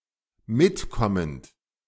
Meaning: present participle of mitkommen
- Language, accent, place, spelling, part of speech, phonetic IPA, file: German, Germany, Berlin, mitkommend, verb, [ˈmɪtˌkɔmənt], De-mitkommend.ogg